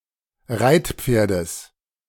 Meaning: genitive singular of Reitpferd
- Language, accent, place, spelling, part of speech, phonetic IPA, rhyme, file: German, Germany, Berlin, Reitpferdes, noun, [ˈʁaɪ̯tˌp͡feːɐ̯dəs], -aɪ̯tp͡feːɐ̯dəs, De-Reitpferdes.ogg